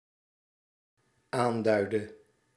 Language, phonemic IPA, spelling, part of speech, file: Dutch, /ˈandœydə/, aanduidde, verb, Nl-aanduidde.ogg
- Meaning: inflection of aanduiden: 1. singular dependent-clause past indicative 2. singular dependent-clause past subjunctive